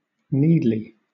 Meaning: 1. Zealously; carefully; earnestly 2. Necessarily; of necessity 3. Urgently
- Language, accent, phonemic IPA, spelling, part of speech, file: English, Southern England, /ˈniːd.li/, needly, adverb, LL-Q1860 (eng)-needly.wav